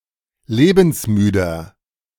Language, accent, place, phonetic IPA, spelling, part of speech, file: German, Germany, Berlin, [ˈleːbn̩sˌmyːdɐ], lebensmüder, adjective, De-lebensmüder.ogg
- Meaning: 1. comparative degree of lebensmüde 2. inflection of lebensmüde: strong/mixed nominative masculine singular 3. inflection of lebensmüde: strong genitive/dative feminine singular